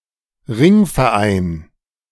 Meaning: "ring clubs"; Mafia-like criminal organizations active from the 1890s to the 1950s, who identified themselves by means of signet rings
- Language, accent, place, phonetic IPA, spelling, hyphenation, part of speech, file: German, Germany, Berlin, [ˈʁɪŋfɛɐ̯ˌʔaɪ̯n], Ringverein, Ring‧ver‧ein, noun, De-Ringverein.ogg